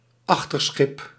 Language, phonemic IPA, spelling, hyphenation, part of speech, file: Dutch, /ˈɑx.tərˌsxɪp/, achterschip, ach‧ter‧schip, noun, Nl-achterschip.ogg
- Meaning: the aft, the back portion of a ship